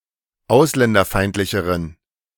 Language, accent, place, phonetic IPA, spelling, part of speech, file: German, Germany, Berlin, [ˈaʊ̯slɛndɐˌfaɪ̯ntlɪçəʁən], ausländerfeindlicheren, adjective, De-ausländerfeindlicheren.ogg
- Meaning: inflection of ausländerfeindlich: 1. strong genitive masculine/neuter singular comparative degree 2. weak/mixed genitive/dative all-gender singular comparative degree